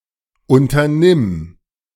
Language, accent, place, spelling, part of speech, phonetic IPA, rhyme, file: German, Germany, Berlin, unternimm, verb, [ˌʔʊntɐˈnɪm], -ɪm, De-unternimm.ogg
- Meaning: singular imperative of unternehmen